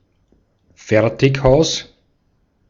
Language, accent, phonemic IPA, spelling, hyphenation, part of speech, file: German, Austria, /ˈfɛʁtɪkˌhaʊ̯s/, Fertighaus, Fer‧tig‧haus, noun, De-at-Fertighaus.ogg
- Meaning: prefabricated building